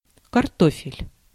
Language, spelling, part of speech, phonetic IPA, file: Russian, картофель, noun, [kɐrˈtofʲɪlʲ], Ru-картофель.ogg
- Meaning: potatoes